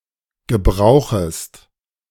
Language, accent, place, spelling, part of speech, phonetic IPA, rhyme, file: German, Germany, Berlin, gebrauchest, verb, [ɡəˈbʁaʊ̯xəst], -aʊ̯xəst, De-gebrauchest.ogg
- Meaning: second-person singular subjunctive I of gebrauchen